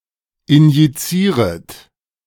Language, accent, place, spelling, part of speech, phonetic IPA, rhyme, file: German, Germany, Berlin, injizieret, verb, [ɪnjiˈt͡siːʁət], -iːʁət, De-injizieret.ogg
- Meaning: second-person plural subjunctive I of injizieren